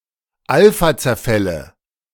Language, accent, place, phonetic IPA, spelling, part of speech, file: German, Germany, Berlin, [ˈalfat͡sɛɐ̯ˌfɛlə], Alphazerfälle, noun, De-Alphazerfälle.ogg
- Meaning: nominative/accusative/genitive plural of Alphazerfall